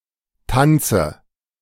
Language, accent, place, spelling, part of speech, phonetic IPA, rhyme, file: German, Germany, Berlin, Tanze, noun, [ˈtant͡sə], -ant͡sə, De-Tanze.ogg
- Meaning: dative singular of Tanz